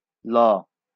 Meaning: The 39th character in the Bengali abugida
- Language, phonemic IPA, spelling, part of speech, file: Bengali, /lɔ/, ল, character, LL-Q9610 (ben)-ল.wav